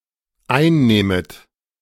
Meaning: second-person plural dependent subjunctive II of einnehmen
- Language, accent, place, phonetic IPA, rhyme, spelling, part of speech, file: German, Germany, Berlin, [ˈaɪ̯nˌnɛːmət], -aɪ̯nnɛːmət, einnähmet, verb, De-einnähmet.ogg